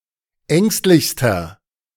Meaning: inflection of ängstlich: 1. strong/mixed nominative masculine singular superlative degree 2. strong genitive/dative feminine singular superlative degree 3. strong genitive plural superlative degree
- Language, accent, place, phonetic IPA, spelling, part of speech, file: German, Germany, Berlin, [ˈɛŋstlɪçstɐ], ängstlichster, adjective, De-ängstlichster.ogg